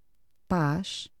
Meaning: peace
- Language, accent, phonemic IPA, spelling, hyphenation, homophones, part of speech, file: Portuguese, Portugal, /ˈpaʃ/, paz, paz, pás, noun, Pt paz.ogg